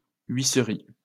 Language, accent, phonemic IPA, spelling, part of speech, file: French, France, /ɥi.sʁi/, huisserie, noun, LL-Q150 (fra)-huisserie.wav
- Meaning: 1. doorframe 2. window frame